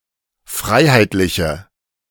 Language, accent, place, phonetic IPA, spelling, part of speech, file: German, Germany, Berlin, [ˈfʁaɪ̯haɪ̯tlɪçə], freiheitliche, adjective, De-freiheitliche.ogg
- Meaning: inflection of freiheitlich: 1. strong/mixed nominative/accusative feminine singular 2. strong nominative/accusative plural 3. weak nominative all-gender singular